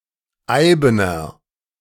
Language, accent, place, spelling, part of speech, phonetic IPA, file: German, Germany, Berlin, eibener, adjective, [ˈaɪ̯bənɐ], De-eibener.ogg
- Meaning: inflection of eiben: 1. strong/mixed nominative masculine singular 2. strong genitive/dative feminine singular 3. strong genitive plural